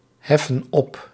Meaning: inflection of opheffen: 1. plural present indicative 2. plural present subjunctive
- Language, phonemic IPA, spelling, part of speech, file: Dutch, /ˈhɛfə(n) ˈɔp/, heffen op, verb, Nl-heffen op.ogg